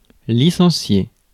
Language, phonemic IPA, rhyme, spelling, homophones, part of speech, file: French, /li.sɑ̃.sje/, -e, licencier, licenciai / licencié / licenciée / licenciées / licenciés / licenciez, verb, Fr-licencier.ogg
- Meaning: 1. to fire, to sack (to terminate the employment of) 2. to license